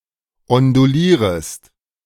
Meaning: second-person singular subjunctive I of ondulieren
- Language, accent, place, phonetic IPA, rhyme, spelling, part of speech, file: German, Germany, Berlin, [ɔnduˈliːʁəst], -iːʁəst, ondulierest, verb, De-ondulierest.ogg